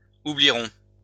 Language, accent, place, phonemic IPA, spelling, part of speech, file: French, France, Lyon, /u.bli.ʁɔ̃/, oublierons, verb, LL-Q150 (fra)-oublierons.wav
- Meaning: first-person plural future of oublier